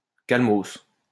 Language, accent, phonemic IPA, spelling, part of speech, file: French, France, /kal.mɔs/, calmos, interjection / adverb, LL-Q150 (fra)-calmos.wav
- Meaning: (interjection) calm; (let's) stay calm; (adverb) calmly